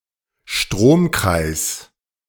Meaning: electric circuit
- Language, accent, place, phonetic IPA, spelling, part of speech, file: German, Germany, Berlin, [ˈʃtʁoːmˌkʁaɪ̯s], Stromkreis, noun, De-Stromkreis.ogg